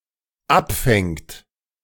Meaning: third-person singular dependent present of abfangen
- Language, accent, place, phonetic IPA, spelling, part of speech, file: German, Germany, Berlin, [ˈapˌfɛŋt], abfängt, verb, De-abfängt.ogg